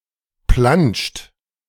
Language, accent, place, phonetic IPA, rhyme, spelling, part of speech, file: German, Germany, Berlin, [planʃt], -anʃt, planscht, verb, De-planscht.ogg
- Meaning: inflection of planschen: 1. third-person singular present 2. second-person plural present 3. plural imperative